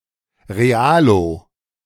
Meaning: a member of a more pragmatic faction within a leftist organisation, often the FRG Green Party
- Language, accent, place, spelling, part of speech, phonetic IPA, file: German, Germany, Berlin, Realo, noun, [ʁeˈaːlo], De-Realo.ogg